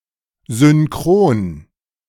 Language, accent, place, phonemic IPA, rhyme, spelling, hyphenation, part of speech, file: German, Germany, Berlin, /zʏnˈkʁoːn/, -oːn, synchron, syn‧chron, adjective, De-synchron.ogg
- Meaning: 1. synchronous 2. synchronic